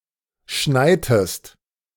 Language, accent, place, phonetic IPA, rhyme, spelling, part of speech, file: German, Germany, Berlin, [ˈʃnaɪ̯təst], -aɪ̯təst, schneitest, verb, De-schneitest.ogg
- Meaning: inflection of schneien: 1. second-person singular preterite 2. second-person singular subjunctive II